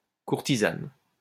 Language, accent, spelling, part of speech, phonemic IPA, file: French, France, courtisane, noun, /kuʁ.ti.zan/, LL-Q150 (fra)-courtisane.wav
- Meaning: 1. prostitute 2. courtesan 3. female courtier